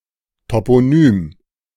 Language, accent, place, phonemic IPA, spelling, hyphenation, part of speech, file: German, Germany, Berlin, /topoˈnyːm/, Toponym, To‧p‧o‧nym, noun, De-Toponym.ogg
- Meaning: toponym, place name